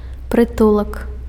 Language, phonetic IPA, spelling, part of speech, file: Belarusian, [prɨˈtuɫak], прытулак, noun, Be-прытулак.ogg
- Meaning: 1. shelter, refuge, asylum 2. hostel, doss-house